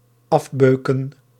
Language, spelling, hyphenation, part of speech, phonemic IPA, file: Dutch, afbeuken, af‧beu‧ken, verb, /ˈɑfˌbøː.kə(n)/, Nl-afbeuken.ogg
- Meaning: to beat up